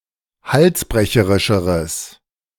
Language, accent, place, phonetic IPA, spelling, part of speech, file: German, Germany, Berlin, [ˈhalsˌbʁɛçəʁɪʃəʁəs], halsbrecherischeres, adjective, De-halsbrecherischeres.ogg
- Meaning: strong/mixed nominative/accusative neuter singular comparative degree of halsbrecherisch